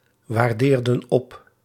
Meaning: inflection of opwaarderen: 1. plural past indicative 2. plural past subjunctive
- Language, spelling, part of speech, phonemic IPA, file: Dutch, waardeerden op, verb, /wɑrˈderdə(n) ˈɔp/, Nl-waardeerden op.ogg